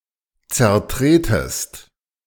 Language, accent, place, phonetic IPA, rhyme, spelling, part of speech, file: German, Germany, Berlin, [t͡sɛɐ̯ˈtʁeːtəst], -eːtəst, zertretest, verb, De-zertretest.ogg
- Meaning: second-person singular subjunctive I of zertreten